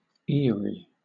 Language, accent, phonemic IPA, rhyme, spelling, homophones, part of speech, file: English, Southern England, /ˈɪəɹi/, -ɪəɹi, Erie, eerie / eyrie, noun / proper noun, LL-Q1860 (eng)-Erie.wav
- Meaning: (noun) A tribe of Native Americans; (proper noun) A lake in Canada and the United States, one of the Great Lakes of North America